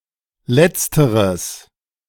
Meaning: strong/mixed nominative/accusative neuter singular of letztere
- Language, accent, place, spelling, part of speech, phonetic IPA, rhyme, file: German, Germany, Berlin, letzteres, adjective, [ˈlɛt͡stəʁəs], -ɛt͡stəʁəs, De-letzteres.ogg